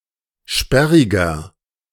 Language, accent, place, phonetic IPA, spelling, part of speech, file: German, Germany, Berlin, [ˈʃpɛʁɪɡɐ], sperriger, adjective, De-sperriger.ogg
- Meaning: 1. comparative degree of sperrig 2. inflection of sperrig: strong/mixed nominative masculine singular 3. inflection of sperrig: strong genitive/dative feminine singular